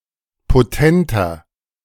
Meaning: 1. comparative degree of potent 2. inflection of potent: strong/mixed nominative masculine singular 3. inflection of potent: strong genitive/dative feminine singular
- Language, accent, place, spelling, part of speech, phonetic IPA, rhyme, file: German, Germany, Berlin, potenter, adjective, [poˈtɛntɐ], -ɛntɐ, De-potenter.ogg